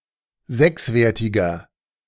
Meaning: inflection of sechswertig: 1. strong/mixed nominative masculine singular 2. strong genitive/dative feminine singular 3. strong genitive plural
- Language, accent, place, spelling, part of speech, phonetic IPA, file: German, Germany, Berlin, sechswertiger, adjective, [ˈzɛksˌveːɐ̯tɪɡɐ], De-sechswertiger.ogg